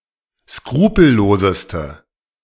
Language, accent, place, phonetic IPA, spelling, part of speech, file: German, Germany, Berlin, [ˈskʁuːpl̩ˌloːzəstə], skrupelloseste, adjective, De-skrupelloseste.ogg
- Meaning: inflection of skrupellos: 1. strong/mixed nominative/accusative feminine singular superlative degree 2. strong nominative/accusative plural superlative degree